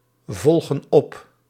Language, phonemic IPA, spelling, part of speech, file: Dutch, /ˈvɔlɣə(n) ˈɔp/, volgen op, verb, Nl-volgen op.ogg
- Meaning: inflection of opvolgen: 1. plural present indicative 2. plural present subjunctive